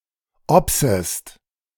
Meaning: second-person singular subjunctive I of obsen
- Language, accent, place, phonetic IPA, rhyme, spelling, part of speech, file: German, Germany, Berlin, [ˈɔpsəst], -ɔpsəst, obsest, verb, De-obsest.ogg